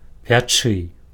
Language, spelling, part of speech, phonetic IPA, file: Belarusian, пячы, verb, [pʲaˈt͡ʂɨ], Be-пячы.ogg
- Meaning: to bake